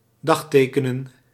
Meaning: 1. to date (to mark with a date) 2. to date (to recognisably originate from a certain time)
- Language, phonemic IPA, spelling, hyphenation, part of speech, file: Dutch, /ˈdɑxˌteː.kə.nə(n)/, dagtekenen, dag‧te‧ke‧nen, verb, Nl-dagtekenen.ogg